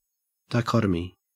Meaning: 1. A separation or division into two; a distinction that results in such a division 2. Such a division involving apparently incompatible or opposite principles; a duality
- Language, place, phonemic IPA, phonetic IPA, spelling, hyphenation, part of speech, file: English, Queensland, /dɑeˈkɔt.ə.mi/, [dɑe̯ˈkɔɾ.ə.mi], dichotomy, di‧cho‧to‧my, noun, En-au-dichotomy.ogg